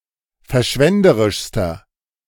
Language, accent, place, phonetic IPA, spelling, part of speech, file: German, Germany, Berlin, [fɛɐ̯ˈʃvɛndəʁɪʃstɐ], verschwenderischster, adjective, De-verschwenderischster.ogg
- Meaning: inflection of verschwenderisch: 1. strong/mixed nominative masculine singular superlative degree 2. strong genitive/dative feminine singular superlative degree